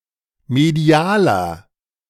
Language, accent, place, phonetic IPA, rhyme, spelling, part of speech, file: German, Germany, Berlin, [meˈdi̯aːlɐ], -aːlɐ, medialer, adjective, De-medialer.ogg
- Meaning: inflection of medial: 1. strong/mixed nominative masculine singular 2. strong genitive/dative feminine singular 3. strong genitive plural